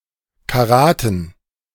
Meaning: dative plural of Karat
- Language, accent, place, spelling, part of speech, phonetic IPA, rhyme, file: German, Germany, Berlin, Karaten, noun, [kaˈʁaːtn̩], -aːtn̩, De-Karaten.ogg